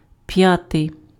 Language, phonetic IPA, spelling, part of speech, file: Ukrainian, [ˈpjatei̯], п'ятий, adjective, Uk-п'ятий.ogg
- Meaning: fifth